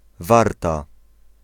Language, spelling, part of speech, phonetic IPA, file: Polish, Warta, proper noun, [ˈvarta], Pl-Warta.ogg